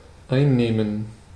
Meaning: 1. to take, take up, assume, span (a position, space, area) 2. to take, to have (food, drink, medicine) 3. to conquer 4. to gain, capture (someone’s affection)
- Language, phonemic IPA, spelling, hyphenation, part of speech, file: German, /ˈaɪ̯nˌneːmən/, einnehmen, ein‧neh‧men, verb, De-einnehmen.ogg